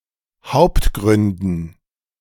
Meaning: dative plural of Hauptgrund
- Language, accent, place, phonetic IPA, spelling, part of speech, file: German, Germany, Berlin, [ˈhaʊ̯ptˌɡʁʏndn̩], Hauptgründen, noun, De-Hauptgründen.ogg